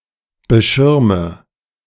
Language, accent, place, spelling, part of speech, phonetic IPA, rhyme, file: German, Germany, Berlin, beschirme, verb, [bəˈʃɪʁmə], -ɪʁmə, De-beschirme.ogg
- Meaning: inflection of beschirmen: 1. first-person singular present 2. first/third-person singular subjunctive I 3. singular imperative